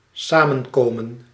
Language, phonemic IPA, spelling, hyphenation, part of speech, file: Dutch, /ˈsaː.mə(n)ˌkoː.mə(n)/, samenkomen, sa‧men‧ko‧men, verb, Nl-samenkomen.ogg
- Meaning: to come together, to meet, to assemble